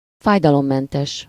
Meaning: painless
- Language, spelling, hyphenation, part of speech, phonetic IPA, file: Hungarian, fájdalommentes, fáj‧da‧lom‧men‧tes, adjective, [ˈfaːjdɒlomːɛntɛʃ], Hu-fájdalommentes.ogg